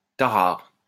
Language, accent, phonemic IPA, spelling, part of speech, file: French, France, /ta.ʁaʁ/, tarare, noun, LL-Q150 (fra)-tarare.wav
- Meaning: winnow